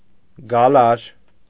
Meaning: coil, twist, bend
- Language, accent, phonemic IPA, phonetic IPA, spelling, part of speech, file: Armenian, Eastern Armenian, /ɡɑˈlɑɾ/, [ɡɑlɑ́ɾ], գալար, noun, Hy-գալար.ogg